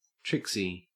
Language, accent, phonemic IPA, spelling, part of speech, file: English, Australia, /ˈtɹɪk.si/, Trixie, proper noun / noun, En-au-Trixie.ogg
- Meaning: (proper noun) 1. A diminutive of the female given names Beatrix and Beatrice 2. A diminutive of the female given name Patricia